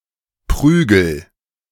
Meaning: inflection of prügeln: 1. first-person singular present 2. singular imperative
- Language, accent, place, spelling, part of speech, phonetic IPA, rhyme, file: German, Germany, Berlin, prügel, verb, [ˈpʁyːɡl̩], -yːɡl̩, De-prügel.ogg